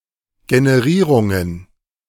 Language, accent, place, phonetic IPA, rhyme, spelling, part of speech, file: German, Germany, Berlin, [ɡenəˈʁiːʁʊŋən], -iːʁʊŋən, Generierungen, noun, De-Generierungen.ogg
- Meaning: plural of Generierung